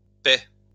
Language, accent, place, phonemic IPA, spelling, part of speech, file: French, France, Lyon, /pɛ/, paies, verb / noun, LL-Q150 (fra)-paies.wav
- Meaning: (verb) second-person singular present indicative/subjunctive of payer; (noun) plural of paie